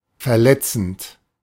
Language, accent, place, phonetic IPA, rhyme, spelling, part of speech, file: German, Germany, Berlin, [fɛɐ̯ˈlɛt͡sn̩t], -ɛt͡sn̩t, verletzend, verb, De-verletzend.ogg
- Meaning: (verb) present participle of verletzen; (adjective) hurtful (emotionally)